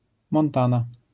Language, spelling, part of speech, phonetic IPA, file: Polish, Montana, proper noun, [mɔ̃nˈtãna], LL-Q809 (pol)-Montana.wav